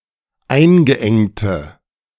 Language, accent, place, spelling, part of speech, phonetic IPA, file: German, Germany, Berlin, eingeengte, adjective, [ˈaɪ̯nɡəˌʔɛŋtə], De-eingeengte.ogg
- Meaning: inflection of eingeengt: 1. strong/mixed nominative/accusative feminine singular 2. strong nominative/accusative plural 3. weak nominative all-gender singular